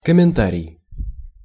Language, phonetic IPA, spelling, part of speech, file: Russian, [kəmʲɪnˈtarʲɪj], комментарий, noun, Ru-комментарий.ogg
- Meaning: comment